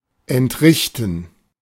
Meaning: to pay
- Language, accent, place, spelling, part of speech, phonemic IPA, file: German, Germany, Berlin, entrichten, verb, /ɛntˈʁɪçtən/, De-entrichten.ogg